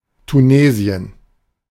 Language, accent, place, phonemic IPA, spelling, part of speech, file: German, Germany, Berlin, /tuˈneːzi̯ən/, Tunesien, proper noun, De-Tunesien.ogg
- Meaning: Tunisia (a country in North Africa)